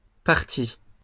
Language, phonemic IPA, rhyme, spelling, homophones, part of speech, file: French, /paʁ.ti/, -i, parties, parti / partie / partis, verb / noun, LL-Q150 (fra)-parties.wav
- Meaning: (verb) feminine plural of parti; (noun) 1. plural of partie 2. genitals